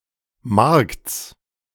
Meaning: genitive singular of Markt
- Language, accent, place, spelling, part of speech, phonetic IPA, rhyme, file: German, Germany, Berlin, Markts, noun, [maʁkt͡s], -aʁkt͡s, De-Markts.ogg